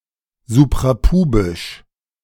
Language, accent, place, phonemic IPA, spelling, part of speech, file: German, Germany, Berlin, /ˌzuːpʁaˈpuːbɪʃ/, suprapubisch, adjective, De-suprapubisch.ogg
- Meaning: suprapubic